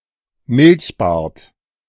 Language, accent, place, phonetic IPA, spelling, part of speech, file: German, Germany, Berlin, [ˈmɪlçˌbaːɐ̯t], Milchbart, noun, De-Milchbart.ogg
- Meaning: 1. milk moustache (white residue on the upper lip after a deep sip of milk) 2. downy beard of a youth 3. a youth who has such a beard; immature man